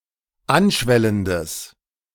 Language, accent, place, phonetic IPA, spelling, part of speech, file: German, Germany, Berlin, [ˈanˌʃvɛləndəs], anschwellendes, adjective, De-anschwellendes.ogg
- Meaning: strong/mixed nominative/accusative neuter singular of anschwellend